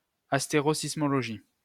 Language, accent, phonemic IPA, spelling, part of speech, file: French, France, /as.te.ʁo.sis.mɔ.lɔ.ʒi/, astérosismologie, noun, LL-Q150 (fra)-astérosismologie.wav
- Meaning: asteroseismology